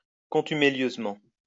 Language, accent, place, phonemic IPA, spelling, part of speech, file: French, France, Lyon, /kɔ̃.ty.me.ljøz.mɑ̃/, contumélieusement, adverb, LL-Q150 (fra)-contumélieusement.wav
- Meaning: contumeliously